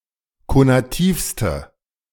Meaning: inflection of konativ: 1. strong/mixed nominative/accusative feminine singular superlative degree 2. strong nominative/accusative plural superlative degree
- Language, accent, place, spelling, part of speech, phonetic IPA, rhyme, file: German, Germany, Berlin, konativste, adjective, [konaˈtiːfstə], -iːfstə, De-konativste.ogg